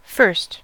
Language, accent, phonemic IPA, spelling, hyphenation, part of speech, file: English, US, /fɚst/, first, first, adjective / adverb / noun / verb, En-us-first.ogg
- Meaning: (adjective) 1. Preceding all others of a series or kind; the ordinal of one; earliest 2. Most eminent or exalted; most excellent; chief; highest 3. Of or belonging to a first family